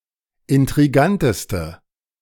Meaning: inflection of intrigant: 1. strong/mixed nominative/accusative feminine singular superlative degree 2. strong nominative/accusative plural superlative degree
- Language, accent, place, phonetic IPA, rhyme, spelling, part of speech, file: German, Germany, Berlin, [ɪntʁiˈɡantəstə], -antəstə, intriganteste, adjective, De-intriganteste.ogg